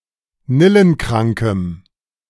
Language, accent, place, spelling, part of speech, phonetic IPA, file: German, Germany, Berlin, nillenkrankem, adjective, [ˈnɪlənˌkʁaŋkəm], De-nillenkrankem.ogg
- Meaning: strong dative masculine/neuter singular of nillenkrank